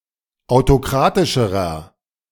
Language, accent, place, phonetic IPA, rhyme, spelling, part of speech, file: German, Germany, Berlin, [aʊ̯toˈkʁaːtɪʃəʁɐ], -aːtɪʃəʁɐ, autokratischerer, adjective, De-autokratischerer.ogg
- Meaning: inflection of autokratisch: 1. strong/mixed nominative masculine singular comparative degree 2. strong genitive/dative feminine singular comparative degree 3. strong genitive plural comparative degree